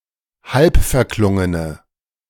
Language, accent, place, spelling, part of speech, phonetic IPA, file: German, Germany, Berlin, halbverklungene, adjective, [ˈhalpfɛɐ̯ˌklʊŋənə], De-halbverklungene.ogg
- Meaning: inflection of halbverklungen: 1. strong/mixed nominative/accusative feminine singular 2. strong nominative/accusative plural 3. weak nominative all-gender singular